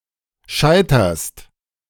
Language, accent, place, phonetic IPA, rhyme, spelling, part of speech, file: German, Germany, Berlin, [ˈʃaɪ̯tɐst], -aɪ̯tɐst, scheiterst, verb, De-scheiterst.ogg
- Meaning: second-person singular present of scheitern